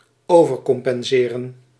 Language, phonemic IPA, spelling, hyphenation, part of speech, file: Dutch, /ˌoː.vərˈkɔmˌpɛnˈzeː.rə(n)/, overcompenseren, over‧com‧pen‧se‧ren, verb, Nl-overcompenseren.ogg
- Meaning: to overcompensate